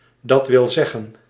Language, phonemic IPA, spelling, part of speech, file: Dutch, /ˌdɑtwɪlˈzɛɣə(n)/, d.w.z., abbreviation, Nl-d.w.z..ogg
- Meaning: abbreviation of dat wil zeggen: i.e., that is